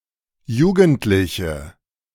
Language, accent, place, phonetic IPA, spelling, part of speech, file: German, Germany, Berlin, [ˈjuːɡn̩tlɪçə], jugendliche, adjective, De-jugendliche.ogg
- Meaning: inflection of jugendlich: 1. strong/mixed nominative/accusative feminine singular 2. strong nominative/accusative plural 3. weak nominative all-gender singular